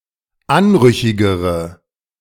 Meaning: inflection of anrüchig: 1. strong/mixed nominative/accusative feminine singular comparative degree 2. strong nominative/accusative plural comparative degree
- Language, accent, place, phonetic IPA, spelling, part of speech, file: German, Germany, Berlin, [ˈanˌʁʏçɪɡəʁə], anrüchigere, adjective, De-anrüchigere.ogg